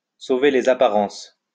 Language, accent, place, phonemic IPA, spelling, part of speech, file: French, France, Lyon, /so.ve le.z‿a.pa.ʁɑ̃s/, sauver les apparences, verb, LL-Q150 (fra)-sauver les apparences.wav
- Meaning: to keep up appearances